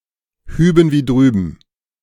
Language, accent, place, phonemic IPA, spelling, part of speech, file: German, Germany, Berlin, /ˈhyːbn̩ viː ˈdʁyːbn̩/, hüben wie drüben, adverb, De-hüben wie drüben.ogg
- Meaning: here and there